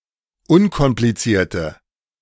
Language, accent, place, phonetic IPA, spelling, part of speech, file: German, Germany, Berlin, [ˈʊnkɔmplit͡siːɐ̯tə], unkomplizierte, adjective, De-unkomplizierte.ogg
- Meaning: inflection of unkompliziert: 1. strong/mixed nominative/accusative feminine singular 2. strong nominative/accusative plural 3. weak nominative all-gender singular